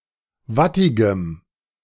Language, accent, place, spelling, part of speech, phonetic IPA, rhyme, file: German, Germany, Berlin, wattigem, adjective, [ˈvatɪɡəm], -atɪɡəm, De-wattigem.ogg
- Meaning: strong dative masculine/neuter singular of wattig